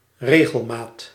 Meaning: regularity
- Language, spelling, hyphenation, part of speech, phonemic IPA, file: Dutch, regelmaat, re‧gel‧maat, noun, /ˈreː.ɣəlˌmaːt/, Nl-regelmaat.ogg